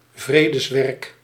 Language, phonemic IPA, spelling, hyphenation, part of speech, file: Dutch, /ˈvreː.dəsˌʋɛrk/, vredeswerk, vre‧des‧werk, noun, Nl-vredeswerk.ogg
- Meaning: peace work, peacemaking activity